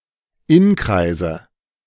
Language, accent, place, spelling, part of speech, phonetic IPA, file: German, Germany, Berlin, Inkreise, noun, [ˈɪnˌkʁaɪ̯zə], De-Inkreise.ogg
- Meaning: nominative/accusative/genitive plural of Inkreis